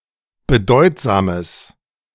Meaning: strong/mixed nominative/accusative neuter singular of bedeutsam
- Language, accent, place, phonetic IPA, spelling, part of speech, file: German, Germany, Berlin, [bəˈdɔɪ̯tzaːməs], bedeutsames, adjective, De-bedeutsames.ogg